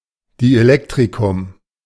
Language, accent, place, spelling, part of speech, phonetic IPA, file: German, Germany, Berlin, Dielektrikum, noun, [ˌdiʔeˈlɛktʁikʊm], De-Dielektrikum.ogg
- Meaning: dielectric